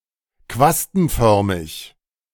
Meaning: tufted
- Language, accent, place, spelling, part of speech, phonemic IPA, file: German, Germany, Berlin, quastenförmig, adjective, /ˈkvastn̩ˌfœʁmɪç/, De-quastenförmig.ogg